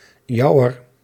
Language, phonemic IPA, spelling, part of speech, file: Dutch, /ˈjɑu̯ər/, jouwer, determiner / pronoun, Nl-jouwer.ogg
- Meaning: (determiner) 1. genitive feminine/plural of jouw; of your 2. dative feminine of jouw; to your; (pronoun) genitive of jij; of you